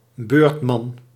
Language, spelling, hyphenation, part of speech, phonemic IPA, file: Dutch, beurtman, beurt‧man, noun, /ˈbøːrt.mɑn/, Nl-beurtman.ogg
- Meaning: a line ship for inland transportation of passengers and freight according to a regular schedule